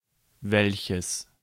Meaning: inflection of welcher: 1. genitive masculine singular 2. nominative/genitive/accusative neuter singular
- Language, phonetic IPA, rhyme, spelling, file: German, [ˈvɛlçəs], -ɛlçəs, welches, De-welches.ogg